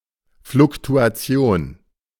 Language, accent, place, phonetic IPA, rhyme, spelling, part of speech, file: German, Germany, Berlin, [flʊktuaˈt͡si̯oːn], -oːn, Fluktuation, noun, De-Fluktuation.ogg
- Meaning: fluctuation